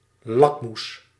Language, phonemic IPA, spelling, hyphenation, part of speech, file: Dutch, /ˈlɑk.mus/, lakmoes, lak‧moes, noun, Nl-lakmoes.ogg
- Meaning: litmus